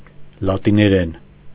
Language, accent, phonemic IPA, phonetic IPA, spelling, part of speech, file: Armenian, Eastern Armenian, /lɑtineˈɾen/, [lɑtineɾén], լատիներեն, noun / adverb / adjective, Hy-լատիներեն.ogg
- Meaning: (noun) Latin (language); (adverb) in Latin; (adjective) Latin (of or pertaining to the language)